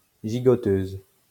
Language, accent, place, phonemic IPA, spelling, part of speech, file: French, France, Lyon, /ʒi.ɡɔ.tøz/, gigoteuse, noun, LL-Q150 (fra)-gigoteuse.wav
- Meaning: sleep sack, wearable blanket, sleeping sack